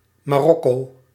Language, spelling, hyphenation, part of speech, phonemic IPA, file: Dutch, Marokko, Ma‧rok‧ko, proper noun, /maːˈrɔkoː/, Nl-Marokko.ogg
- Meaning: Morocco (a country in North Africa)